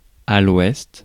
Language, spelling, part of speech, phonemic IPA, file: French, ouest, noun, /wɛst/, Fr-ouest.ogg
- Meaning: west